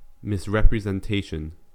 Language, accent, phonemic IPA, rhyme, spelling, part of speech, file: English, US, /mɪsˌɹɛpɹɪzɛnˈteɪʃən/, -eɪʃən, misrepresentation, noun, En-us-misrepresentation.ogg
- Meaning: Erroneous or false representation; an unfair or dishonest account or exposition; a false statement